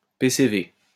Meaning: initialism of paiement contre vérification: reverse charge call, collect call
- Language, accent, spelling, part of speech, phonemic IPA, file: French, France, PCV, noun, /pe.se.ve/, LL-Q150 (fra)-PCV.wav